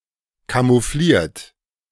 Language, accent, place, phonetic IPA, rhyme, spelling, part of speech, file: German, Germany, Berlin, [kamuˈfliːɐ̯t], -iːɐ̯t, camoufliert, verb, De-camoufliert.ogg
- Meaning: 1. past participle of camouflieren 2. inflection of camouflieren: third-person singular present 3. inflection of camouflieren: second-person plural present